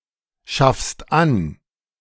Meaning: second-person singular present of anschaffen
- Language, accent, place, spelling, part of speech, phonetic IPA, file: German, Germany, Berlin, schaffst an, verb, [ˌʃafst ˈan], De-schaffst an.ogg